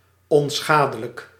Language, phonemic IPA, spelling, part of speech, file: Dutch, /ɔnˈsxadələk/, onschadelijk, adjective, Nl-onschadelijk.ogg
- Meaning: harmless